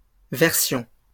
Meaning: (noun) plural of version; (verb) inflection of verser: 1. first-person plural imperfect indicative 2. first-person plural present subjunctive
- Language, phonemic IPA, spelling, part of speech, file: French, /vɛʁ.sjɔ̃/, versions, noun / verb, LL-Q150 (fra)-versions.wav